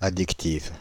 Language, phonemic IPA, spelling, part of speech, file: French, /a.dik.tiv/, addictive, adjective, Fr-addictive.ogg
- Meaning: feminine singular of addictif